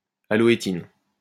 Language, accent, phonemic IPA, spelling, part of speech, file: French, France, /a.lɔ.e.tin/, aloétine, noun, LL-Q150 (fra)-aloétine.wav
- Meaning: aloe vera (extract)